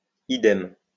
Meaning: idem, likewise
- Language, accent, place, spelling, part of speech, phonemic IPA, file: French, France, Lyon, idem, adverb, /i.dɛm/, LL-Q150 (fra)-idem.wav